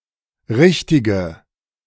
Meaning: inflection of richtig: 1. strong/mixed nominative/accusative feminine singular 2. strong nominative/accusative plural 3. weak nominative all-gender singular 4. weak accusative feminine/neuter singular
- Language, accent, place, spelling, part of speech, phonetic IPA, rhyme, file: German, Germany, Berlin, richtige, adjective, [ˈʁɪçtɪɡə], -ɪçtɪɡə, De-richtige.ogg